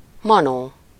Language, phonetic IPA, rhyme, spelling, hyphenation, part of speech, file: Hungarian, [ˈmɒnoː], -noː, manó, ma‧nó, noun, Hu-manó.ogg
- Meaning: goblin, imp, pixy